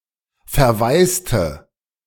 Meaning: inflection of verwaisen: 1. first/third-person singular preterite 2. first/third-person singular subjunctive II
- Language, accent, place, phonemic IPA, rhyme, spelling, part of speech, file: German, Germany, Berlin, /fɛɐ̯ˈvaɪ̯stə/, -aɪ̯stə, verwaiste, verb, De-verwaiste.ogg